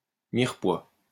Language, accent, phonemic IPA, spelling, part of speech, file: French, France, /miʁ.pwa/, mirepoix, noun, LL-Q150 (fra)-mirepoix.wav
- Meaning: 1. mirepoix 2. bouillon, broth, or soup, made from mirepoix